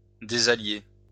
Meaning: 1. "to disunite (allies)" 2. to make an unsuitable match
- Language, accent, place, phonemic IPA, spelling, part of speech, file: French, France, Lyon, /de.za.lje/, désallier, verb, LL-Q150 (fra)-désallier.wav